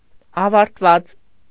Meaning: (verb) resultative participle of ավարտվել (avartvel); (adjective) finished, ended
- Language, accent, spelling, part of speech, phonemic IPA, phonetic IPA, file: Armenian, Eastern Armenian, ավարտված, verb / adjective, /ɑvɑɾtˈvɑt͡s/, [ɑvɑɾtvɑ́t͡s], Hy-ավարտված.ogg